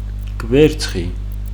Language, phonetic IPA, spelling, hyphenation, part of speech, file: Georgian, [kʼʷe̞ɾt͡sʰχi], კვერცხი, კვერ‧ცხი, noun, Ka-კვერცხი.ogg
- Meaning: 1. egg 2. incapable due to mental weakness 3. testicle